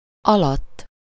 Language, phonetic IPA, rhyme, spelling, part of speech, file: Hungarian, [ˈɒlɒtː], -ɒtː, alatt, postposition, Hu-alatt.ogg
- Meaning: 1. under, below, underneath 2. in, in/over the course of (temporal)